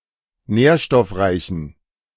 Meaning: inflection of nährstoffreich: 1. strong genitive masculine/neuter singular 2. weak/mixed genitive/dative all-gender singular 3. strong/weak/mixed accusative masculine singular 4. strong dative plural
- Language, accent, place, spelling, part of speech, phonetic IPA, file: German, Germany, Berlin, nährstoffreichen, adjective, [ˈnɛːɐ̯ʃtɔfˌʁaɪ̯çn̩], De-nährstoffreichen.ogg